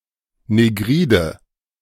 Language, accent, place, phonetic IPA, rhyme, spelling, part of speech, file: German, Germany, Berlin, [neˈɡʁiːdə], -iːdə, negride, adjective, De-negride.ogg
- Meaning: inflection of negrid: 1. strong/mixed nominative/accusative feminine singular 2. strong nominative/accusative plural 3. weak nominative all-gender singular 4. weak accusative feminine/neuter singular